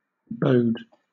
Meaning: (verb) Of a thing: to be an indication, omen, or sign of (something); to portend
- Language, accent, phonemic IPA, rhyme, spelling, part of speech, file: English, Southern England, /bəʊd/, -əʊd, bode, verb / noun, LL-Q1860 (eng)-bode.wav